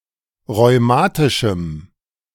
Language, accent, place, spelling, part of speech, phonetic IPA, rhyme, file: German, Germany, Berlin, rheumatischem, adjective, [ʁɔɪ̯ˈmaːtɪʃm̩], -aːtɪʃm̩, De-rheumatischem.ogg
- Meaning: strong dative masculine/neuter singular of rheumatisch